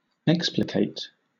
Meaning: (verb) To explain meticulously or in great detail; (adjective) Evolved; unfolded
- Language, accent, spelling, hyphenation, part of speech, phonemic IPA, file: English, Southern England, explicate, ex‧pli‧cate, verb / adjective, /ˈɛk.splɪˌkeɪt/, LL-Q1860 (eng)-explicate.wav